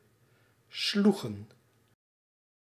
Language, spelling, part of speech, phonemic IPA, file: Dutch, sloegen, verb, /ˈsluɣə(n)/, Nl-sloegen.ogg
- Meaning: inflection of slaan: 1. plural past indicative 2. plural past subjunctive